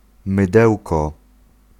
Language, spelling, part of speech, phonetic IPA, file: Polish, mydełko, noun, [mɨˈdɛwkɔ], Pl-mydełko.ogg